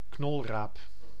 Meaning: turnip (the white root of a yellow-flowered plant, Brassica rapa, grown as a vegetable and as fodder for cattle)
- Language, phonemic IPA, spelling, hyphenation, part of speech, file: Dutch, /ˈknɔl.raːp/, knolraap, knol‧raap, noun, Nl-knolraap.ogg